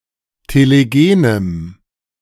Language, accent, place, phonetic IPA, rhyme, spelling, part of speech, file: German, Germany, Berlin, [teleˈɡeːnəm], -eːnəm, telegenem, adjective, De-telegenem.ogg
- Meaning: strong dative masculine/neuter singular of telegen